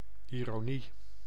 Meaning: irony
- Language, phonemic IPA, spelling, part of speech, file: Dutch, /ɪroˈniː/, ironie, noun, Nl-ironie.ogg